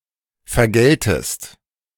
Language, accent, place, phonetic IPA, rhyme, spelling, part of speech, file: German, Germany, Berlin, [fɛɐ̯ˈɡɛltəst], -ɛltəst, vergältest, verb, De-vergältest.ogg
- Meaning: second-person singular subjunctive II of vergelten